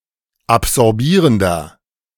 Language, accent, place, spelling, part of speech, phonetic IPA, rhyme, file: German, Germany, Berlin, absorbierender, adjective, [apzɔʁˈbiːʁəndɐ], -iːʁəndɐ, De-absorbierender.ogg
- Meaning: inflection of absorbierend: 1. strong/mixed nominative masculine singular 2. strong genitive/dative feminine singular 3. strong genitive plural